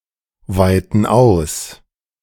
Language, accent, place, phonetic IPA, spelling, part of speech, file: German, Germany, Berlin, [ˌvaɪ̯tn̩ ˈaʊ̯s], weiten aus, verb, De-weiten aus.ogg
- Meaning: inflection of ausweiten: 1. first/third-person plural present 2. first/third-person plural subjunctive I